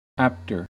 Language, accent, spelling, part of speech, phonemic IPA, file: English, US, apter, adjective, /ˈæptɚ/, En-us-apter.ogg
- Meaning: comparative form of apt: more apt